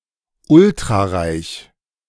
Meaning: ultrarich
- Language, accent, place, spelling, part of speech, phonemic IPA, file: German, Germany, Berlin, ultrareich, adjective, /ˈʊltʁaˌʁaɪ̯ç/, De-ultrareich.ogg